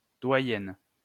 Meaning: 1. female equivalent of doyen: the oldest woman 2. female dean at an educational establishment
- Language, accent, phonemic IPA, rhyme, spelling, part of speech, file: French, France, /dwa.jɛn/, -ɛn, doyenne, noun, LL-Q150 (fra)-doyenne.wav